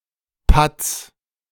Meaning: plural of Patt
- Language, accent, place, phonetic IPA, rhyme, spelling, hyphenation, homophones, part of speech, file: German, Germany, Berlin, [pats], -ats, Patts, Patts, patz, noun, De-Patts.ogg